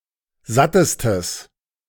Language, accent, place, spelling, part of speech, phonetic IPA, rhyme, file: German, Germany, Berlin, sattestes, adjective, [ˈzatəstəs], -atəstəs, De-sattestes.ogg
- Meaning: strong/mixed nominative/accusative neuter singular superlative degree of satt